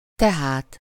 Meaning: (adverb) so; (conjunction) so, therefore, thus, hence
- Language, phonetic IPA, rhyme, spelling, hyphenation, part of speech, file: Hungarian, [ˈtɛɦaːt], -aːt, tehát, te‧hát, adverb / conjunction, Hu-tehát.ogg